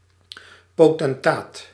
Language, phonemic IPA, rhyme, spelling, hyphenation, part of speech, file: Dutch, /ˌpoː.tɛnˈtaːt/, -aːt, potentaat, po‧ten‧taat, noun, Nl-potentaat.ogg
- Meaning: potentate, person in power